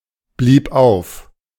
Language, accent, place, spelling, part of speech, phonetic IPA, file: German, Germany, Berlin, blieb auf, verb, [ˌbliːp ˈʔaʊ̯f], De-blieb auf.ogg
- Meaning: first/third-person singular preterite of aufbleiben